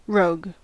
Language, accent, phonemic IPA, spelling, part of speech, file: English, General American, /ˈɹoʊɡ/, rogue, noun / adjective / verb, En-us-rogue.ogg
- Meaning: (noun) 1. A scoundrel, rascal or unprincipled, deceitful, and unreliable person 2. A mischievous scamp 3. A vagrant 4. Malware that deceitfully presents itself as antispyware